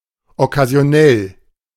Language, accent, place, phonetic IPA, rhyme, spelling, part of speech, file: German, Germany, Berlin, [ɔkazi̯oˈnɛl], -ɛl, okkasionell, adjective, De-okkasionell.ogg
- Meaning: occasional (limited to certain occasions; not very often; sometimes)